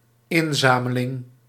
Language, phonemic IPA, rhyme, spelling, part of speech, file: Dutch, /ˈɪnˌzaː.mə.lɪŋ/, -aːməlɪŋ, inzameling, noun, Nl-inzameling.ogg
- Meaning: collection (the act of collecting)